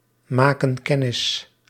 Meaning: inflection of kennismaken: 1. plural present indicative 2. plural present subjunctive
- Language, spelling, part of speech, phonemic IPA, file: Dutch, maken kennis, verb, /ˈmakə(n) ˈkɛnɪs/, Nl-maken kennis.ogg